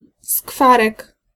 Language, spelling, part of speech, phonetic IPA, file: Polish, skwarek, noun, [ˈskfarɛk], Pl-skwarek.ogg